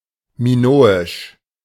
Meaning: Minoan
- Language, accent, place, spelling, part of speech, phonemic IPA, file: German, Germany, Berlin, minoisch, adjective, /miˈnoːɪʃ/, De-minoisch.ogg